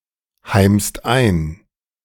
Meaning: inflection of einheimsen: 1. second-person singular/plural present 2. third-person singular present 3. plural imperative
- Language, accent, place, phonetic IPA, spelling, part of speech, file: German, Germany, Berlin, [ˌhaɪ̯mst ˈaɪ̯n], heimst ein, verb, De-heimst ein.ogg